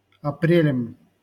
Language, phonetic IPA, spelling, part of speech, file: Russian, [ɐˈprʲelʲɪm], апрелем, noun, LL-Q7737 (rus)-апрелем.wav
- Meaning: instrumental singular of апре́ль (aprélʹ)